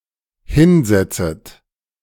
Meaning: second-person plural dependent subjunctive I of hinsetzen
- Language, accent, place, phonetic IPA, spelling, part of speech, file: German, Germany, Berlin, [ˈhɪnˌzɛt͡sət], hinsetzet, verb, De-hinsetzet.ogg